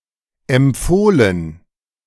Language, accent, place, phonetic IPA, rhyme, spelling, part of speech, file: German, Germany, Berlin, [ɛmˈp͡foːlən], -oːlən, empfohlen, verb, De-empfohlen.ogg
- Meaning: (verb) past participle of empfehlen; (adjective) recommended, endorsed